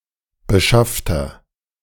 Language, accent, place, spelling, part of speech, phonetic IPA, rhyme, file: German, Germany, Berlin, beschaffter, adjective, [bəˈʃaftɐ], -aftɐ, De-beschaffter.ogg
- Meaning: inflection of beschafft: 1. strong/mixed nominative masculine singular 2. strong genitive/dative feminine singular 3. strong genitive plural